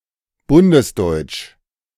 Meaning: of the Federal Republic of Germany, especially: 1. as distinct from other German-speaking countries and territories 2. as distinct from older states existing in the same territory, e.g. the GDR
- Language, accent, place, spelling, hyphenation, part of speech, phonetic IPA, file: German, Germany, Berlin, bundesdeutsch, bun‧des‧deutsch, adjective, [ˈbʊndəsˌdɔɪ̯t͡ʃ], De-bundesdeutsch.ogg